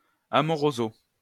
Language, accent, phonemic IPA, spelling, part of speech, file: French, France, /a.mɔ.ʁo.zo/, amoroso, adverb, LL-Q150 (fra)-amoroso.wav
- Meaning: in a tender, loving style